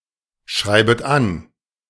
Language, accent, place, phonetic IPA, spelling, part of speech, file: German, Germany, Berlin, [ˌʃʁaɪ̯bət ˈan], schreibet an, verb, De-schreibet an.ogg
- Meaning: second-person plural subjunctive I of anschreiben